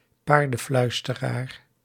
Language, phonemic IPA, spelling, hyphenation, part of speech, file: Dutch, /ˈpaːr.də(n)ˌflœy̯s.tə.raːr/, paardenfluisteraar, paar‧den‧fluis‧te‧raar, noun, Nl-paardenfluisteraar.ogg
- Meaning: a horse whisperer (empathetic horse trainer)